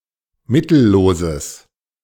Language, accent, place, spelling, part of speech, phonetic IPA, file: German, Germany, Berlin, mittelloses, adjective, [ˈmɪtl̩ˌloːzəs], De-mittelloses.ogg
- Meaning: strong/mixed nominative/accusative neuter singular of mittellos